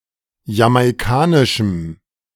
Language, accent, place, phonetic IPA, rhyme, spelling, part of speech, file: German, Germany, Berlin, [jamaɪ̯ˈkaːnɪʃm̩], -aːnɪʃm̩, jamaikanischem, adjective, De-jamaikanischem.ogg
- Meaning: strong dative masculine/neuter singular of jamaikanisch